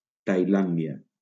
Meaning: Thailand (a country in Southeast Asia)
- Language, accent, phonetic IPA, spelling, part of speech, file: Catalan, Valencia, [tajˈlan.di.a], Tailàndia, proper noun, LL-Q7026 (cat)-Tailàndia.wav